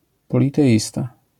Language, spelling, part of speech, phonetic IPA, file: Polish, politeista, noun, [ˌpɔlʲitɛˈʲista], LL-Q809 (pol)-politeista.wav